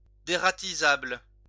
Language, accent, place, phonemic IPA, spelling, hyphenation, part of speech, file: French, France, Lyon, /de.ʁa.ti.zabl/, dératisable, dé‧ra‧ti‧sable, adjective, LL-Q150 (fra)-dératisable.wav
- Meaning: derattable